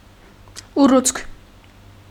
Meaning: 1. swelling 2. tumour
- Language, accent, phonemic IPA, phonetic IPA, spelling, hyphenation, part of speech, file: Armenian, Eastern Armenian, /uˈrut͡sʰkʰ/, [urút͡sʰkʰ], ուռուցք, ու‧ռուցք, noun, Hy-ուռուցք.ogg